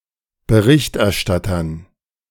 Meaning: dative plural of Berichterstatter
- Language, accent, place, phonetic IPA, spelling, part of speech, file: German, Germany, Berlin, [bəˈʁɪçtʔɛɐ̯ˌʃtatɐn], Berichterstattern, noun, De-Berichterstattern.ogg